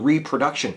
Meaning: 1. The act of reproducing new individuals biologically 2. The act of making copies 3. A copy of something, as in a piece of art; a duplicate 4. A method for reproducing a bug or problem
- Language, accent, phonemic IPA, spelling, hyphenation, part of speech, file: English, US, /ˌɹiːpɹəˈdʌkʃən/, reproduction, re‧pro‧duc‧tion, noun, En-us-reproduction.ogg